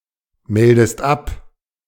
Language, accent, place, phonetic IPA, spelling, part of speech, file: German, Germany, Berlin, [ˌmɛldəst ˈap], meldest ab, verb, De-meldest ab.ogg
- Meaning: inflection of abmelden: 1. second-person singular present 2. second-person singular subjunctive I